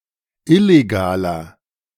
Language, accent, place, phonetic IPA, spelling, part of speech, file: German, Germany, Berlin, [ˈɪleɡaːlɐ], illegaler, adjective, De-illegaler.ogg
- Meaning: inflection of illegal: 1. strong/mixed nominative masculine singular 2. strong genitive/dative feminine singular 3. strong genitive plural